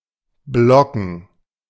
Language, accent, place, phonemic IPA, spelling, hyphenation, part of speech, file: German, Germany, Berlin, /ˈblɔkn̩/, blocken, blo‧cken, verb, De-blocken.ogg
- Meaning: to block